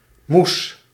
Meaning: 1. mush, pulp (of food) 2. mom, mother
- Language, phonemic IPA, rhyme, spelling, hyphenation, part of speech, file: Dutch, /mus/, -us, moes, moes, noun, Nl-moes.ogg